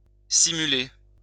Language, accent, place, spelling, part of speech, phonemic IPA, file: French, France, Lyon, simuler, verb, /si.my.le/, LL-Q150 (fra)-simuler.wav
- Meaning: 1. to feign, to fake, to put on, to pretend to have 2. to dive (to pretend to be fouled in order to gain an advantage) 3. to fake it (to feign to be enjoying sex; to pretend to have an orgasm)